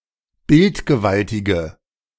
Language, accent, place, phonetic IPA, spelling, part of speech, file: German, Germany, Berlin, [ˈbɪltɡəˌvaltɪɡə], bildgewaltige, adjective, De-bildgewaltige.ogg
- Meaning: inflection of bildgewaltig: 1. strong/mixed nominative/accusative feminine singular 2. strong nominative/accusative plural 3. weak nominative all-gender singular